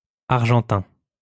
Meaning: 1. silvery 2. Argentine (from Argentina)
- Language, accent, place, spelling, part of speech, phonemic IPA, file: French, France, Lyon, argentin, adjective, /aʁ.ʒɑ̃.tɛ̃/, LL-Q150 (fra)-argentin.wav